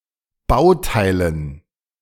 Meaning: dative plural of Bauteil
- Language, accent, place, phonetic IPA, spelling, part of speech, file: German, Germany, Berlin, [ˈbaʊ̯ˌtaɪ̯lən], Bauteilen, noun, De-Bauteilen.ogg